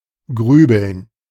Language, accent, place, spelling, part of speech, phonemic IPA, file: German, Germany, Berlin, grübeln, verb, /ˈɡʁyːbəln/, De-grübeln.ogg
- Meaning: to brood, to ponder, to ruminate, to muse, to worry, to fret